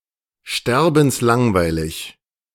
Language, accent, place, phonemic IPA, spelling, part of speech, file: German, Germany, Berlin, /ˈʃtɛʁbn̩sˌlaŋvaɪ̯lɪç/, sterbenslangweilig, adjective, De-sterbenslangweilig.ogg
- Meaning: deadly boring